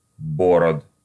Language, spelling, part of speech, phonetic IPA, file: Russian, бород, noun, [bɐˈrot], Ru-бо́род.ogg
- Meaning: genitive plural of борода́ (borodá)